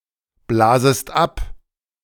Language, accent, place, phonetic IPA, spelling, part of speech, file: German, Germany, Berlin, [ˌblaːzəst ˈap], blasest ab, verb, De-blasest ab.ogg
- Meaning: second-person singular subjunctive I of abblasen